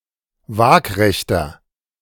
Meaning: inflection of waagrecht: 1. strong/mixed nominative masculine singular 2. strong genitive/dative feminine singular 3. strong genitive plural
- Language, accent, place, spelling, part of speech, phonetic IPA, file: German, Germany, Berlin, waagrechter, adjective, [ˈvaːkʁɛçtɐ], De-waagrechter.ogg